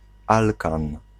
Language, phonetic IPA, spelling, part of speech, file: Polish, [ˈalkãn], alkan, noun, Pl-alkan.ogg